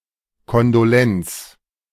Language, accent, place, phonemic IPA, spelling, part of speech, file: German, Germany, Berlin, /ˌkɔndoˈlɛnts/, Kondolenz, noun, De-Kondolenz.ogg
- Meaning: condolence (sympathy when someone has died)